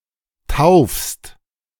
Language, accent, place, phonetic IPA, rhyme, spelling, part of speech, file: German, Germany, Berlin, [taʊ̯fst], -aʊ̯fst, taufst, verb, De-taufst.ogg
- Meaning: second-person singular present of taufen